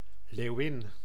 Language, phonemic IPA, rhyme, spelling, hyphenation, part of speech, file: Dutch, /leːu̯ˈ(ʋ)ɪn/, -ɪn, leeuwin, leeu‧win, noun, Nl-leeuwin.ogg
- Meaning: lioness